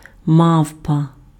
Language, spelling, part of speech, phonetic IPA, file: Ukrainian, мавпа, noun, [ˈmau̯pɐ], Uk-мавпа.ogg
- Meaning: 1. ape, monkey 2. Cercopithecus (genus of primates)